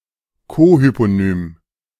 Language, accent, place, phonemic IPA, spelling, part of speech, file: German, Germany, Berlin, /ˈkoːhyponyːm/, Kohyponym, noun, De-Kohyponym.ogg
- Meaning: cohyponym (a word or phrase that shares the same hypernym as another word or phrase)